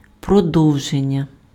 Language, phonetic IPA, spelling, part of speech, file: Ukrainian, [prɔˈdɔu̯ʒenʲːɐ], продовження, noun, Uk-продовження.ogg
- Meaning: verbal noun of продо́вжити pf (prodóvžyty): continuation